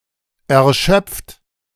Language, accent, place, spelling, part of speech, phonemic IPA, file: German, Germany, Berlin, erschöpft, verb / adjective, /ɛɐ̯ˈʃœp͡ft/, De-erschöpft.ogg
- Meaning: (verb) past participle of erschöpfen; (adjective) 1. exhausted 2. weary